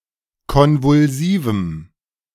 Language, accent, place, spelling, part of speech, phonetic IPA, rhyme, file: German, Germany, Berlin, konvulsivem, adjective, [ˌkɔnvʊlˈziːvm̩], -iːvm̩, De-konvulsivem.ogg
- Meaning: strong dative masculine/neuter singular of konvulsiv